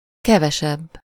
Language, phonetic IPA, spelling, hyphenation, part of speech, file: Hungarian, [ˈkɛvɛʃɛbː], kevesebb, ke‧ve‧sebb, adjective, Hu-kevesebb.ogg
- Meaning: comparative degree of kevés